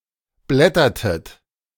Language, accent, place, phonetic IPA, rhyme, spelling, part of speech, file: German, Germany, Berlin, [ˈblɛtɐtət], -ɛtɐtət, blättertet, verb, De-blättertet.ogg
- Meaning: inflection of blättern: 1. second-person plural preterite 2. second-person plural subjunctive II